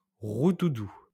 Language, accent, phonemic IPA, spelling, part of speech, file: French, France, /ʁu.du.du/, roudoudous, noun, LL-Q150 (fra)-roudoudous.wav
- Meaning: plural of roudoudou